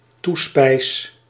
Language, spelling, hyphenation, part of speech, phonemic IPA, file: Dutch, toespijs, toe‧spijs, noun, /ˈtu.spɛi̯s/, Nl-toespijs.ogg
- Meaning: 1. toppings or spread (on bread) 2. dessert 3. side dish 4. fish or meat